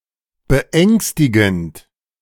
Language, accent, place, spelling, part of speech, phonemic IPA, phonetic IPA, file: German, Germany, Berlin, beängstigend, verb / adjective, /bəˈɛŋstiɡənt/, [bəˈʔɛŋstɪɡn̩t], De-beängstigend.ogg
- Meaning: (verb) present participle of beängstigen; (adjective) frightening